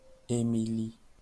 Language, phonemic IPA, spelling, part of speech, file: French, /e.mi.li/, Émilie, proper noun, LL-Q150 (fra)-Émilie.wav
- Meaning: a female given name, equivalent to English Emily